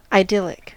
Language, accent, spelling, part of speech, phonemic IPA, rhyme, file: English, US, idyllic, adjective / noun, /aɪˈdɪlɪk/, -ɪlɪk, En-us-idyllic.ogg
- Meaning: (adjective) 1. Of or pertaining to idylls 2. Extremely happy, peaceful, or picturesque; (noun) An idyllic state or situation. (A substantive use of the adjective)